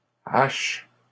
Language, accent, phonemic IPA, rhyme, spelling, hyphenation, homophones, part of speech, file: French, Canada, /aʃ/, -aʃ, haches, haches, h / hache / hachent / hash, noun / verb, LL-Q150 (fra)-haches.wav
- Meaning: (noun) plural of hache; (verb) second-person singular present indicative/subjunctive of hacher